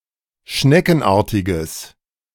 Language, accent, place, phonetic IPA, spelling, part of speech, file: German, Germany, Berlin, [ˈʃnɛkn̩ˌʔaːɐ̯tɪɡəs], schneckenartiges, adjective, De-schneckenartiges.ogg
- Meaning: strong/mixed nominative/accusative neuter singular of schneckenartig